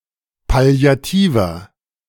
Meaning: inflection of palliativ: 1. strong/mixed nominative masculine singular 2. strong genitive/dative feminine singular 3. strong genitive plural
- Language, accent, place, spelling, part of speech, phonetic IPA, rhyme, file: German, Germany, Berlin, palliativer, adjective, [pali̯aˈtiːvɐ], -iːvɐ, De-palliativer.ogg